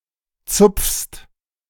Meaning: second-person singular present of zupfen
- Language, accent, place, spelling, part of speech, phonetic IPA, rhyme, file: German, Germany, Berlin, zupfst, verb, [t͡sʊp͡fst], -ʊp͡fst, De-zupfst.ogg